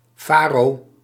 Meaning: a type of beer
- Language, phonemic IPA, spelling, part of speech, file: Dutch, /ˈfaro/, faro, noun, Nl-faro.ogg